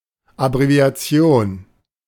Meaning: abbreviation
- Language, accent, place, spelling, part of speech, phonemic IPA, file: German, Germany, Berlin, Abbreviation, noun, /abʁevi̯aˈt͡si̯oːn/, De-Abbreviation.ogg